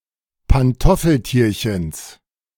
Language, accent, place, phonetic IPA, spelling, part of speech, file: German, Germany, Berlin, [panˈtɔfl̩ˌtiːɐ̯çn̩s], Pantoffeltierchens, noun, De-Pantoffeltierchens.ogg
- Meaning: genitive singular of Pantoffeltierchen